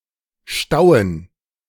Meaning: dative plural of Stau
- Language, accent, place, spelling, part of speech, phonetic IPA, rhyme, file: German, Germany, Berlin, Stauen, noun, [ˈʃtaʊ̯ən], -aʊ̯ən, De-Stauen.ogg